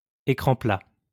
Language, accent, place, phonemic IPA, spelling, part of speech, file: French, France, Lyon, /e.kʁɑ̃ pla/, écran plat, noun, LL-Q150 (fra)-écran plat.wav
- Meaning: flatscreen